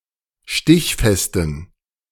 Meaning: inflection of stichfest: 1. strong genitive masculine/neuter singular 2. weak/mixed genitive/dative all-gender singular 3. strong/weak/mixed accusative masculine singular 4. strong dative plural
- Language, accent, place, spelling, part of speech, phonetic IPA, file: German, Germany, Berlin, stichfesten, adjective, [ˈʃtɪçfɛstn̩], De-stichfesten.ogg